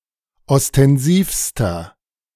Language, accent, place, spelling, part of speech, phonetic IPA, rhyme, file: German, Germany, Berlin, ostensivster, adjective, [ɔstɛnˈziːfstɐ], -iːfstɐ, De-ostensivster.ogg
- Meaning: inflection of ostensiv: 1. strong/mixed nominative masculine singular superlative degree 2. strong genitive/dative feminine singular superlative degree 3. strong genitive plural superlative degree